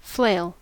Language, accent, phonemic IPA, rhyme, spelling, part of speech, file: English, US, /fleɪl/, -eɪl, flail, noun / verb, En-us-flail.ogg
- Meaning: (noun) A tool used for threshing, consisting of a long handle (handstock) with a shorter stick (swipple or swingle) attached with a short piece of chain, thong or similar material